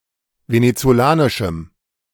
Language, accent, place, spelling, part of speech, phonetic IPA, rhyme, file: German, Germany, Berlin, venezolanischem, adjective, [ˌvenet͡soˈlaːnɪʃm̩], -aːnɪʃm̩, De-venezolanischem.ogg
- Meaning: strong dative masculine/neuter singular of venezolanisch